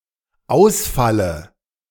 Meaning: inflection of ausfallen: 1. first-person singular dependent present 2. first/third-person singular dependent subjunctive I
- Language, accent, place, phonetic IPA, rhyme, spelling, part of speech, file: German, Germany, Berlin, [ˈaʊ̯sˌfalə], -aʊ̯sfalə, ausfalle, verb, De-ausfalle.ogg